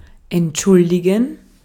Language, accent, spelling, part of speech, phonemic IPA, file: German, Austria, entschuldigen, verb, /ɛntˈʃʊldɪɡən/, De-at-entschuldigen.ogg
- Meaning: 1. to excuse (something or (formal) someone) 2. to offer excuse for someone’s absence, to hand in a sick note etc 3. to apologize, make an apology